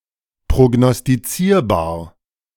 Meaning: predictable
- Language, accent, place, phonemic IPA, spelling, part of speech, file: German, Germany, Berlin, /pʁoɡnɔstiˈt͡siːɐ̯baːɐ̯/, prognostizierbar, adjective, De-prognostizierbar.ogg